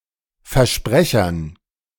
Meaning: dative plural of Versprecher
- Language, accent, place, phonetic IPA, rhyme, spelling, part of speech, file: German, Germany, Berlin, [fɛɐ̯ˈʃpʁɛçɐn], -ɛçɐn, Versprechern, noun, De-Versprechern.ogg